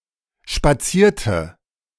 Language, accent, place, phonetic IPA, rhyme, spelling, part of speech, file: German, Germany, Berlin, [ʃpaˈt͡siːɐ̯tə], -iːɐ̯tə, spazierte, verb, De-spazierte.ogg
- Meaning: inflection of spazieren: 1. first/third-person singular preterite 2. first/third-person singular subjunctive II